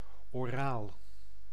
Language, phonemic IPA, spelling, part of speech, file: Dutch, /oˈral/, oraal, adjective, Nl-oraal.ogg
- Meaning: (adjective) oral; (adverb) orally